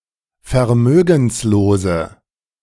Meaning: inflection of vermögenslos: 1. strong/mixed nominative/accusative feminine singular 2. strong nominative/accusative plural 3. weak nominative all-gender singular
- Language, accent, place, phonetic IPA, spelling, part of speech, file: German, Germany, Berlin, [fɛɐ̯ˈmøːɡn̩sloːzə], vermögenslose, adjective, De-vermögenslose.ogg